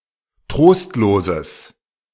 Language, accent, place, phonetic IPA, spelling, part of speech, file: German, Germany, Berlin, [ˈtʁoːstloːzəs], trostloses, adjective, De-trostloses.ogg
- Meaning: strong/mixed nominative/accusative neuter singular of trostlos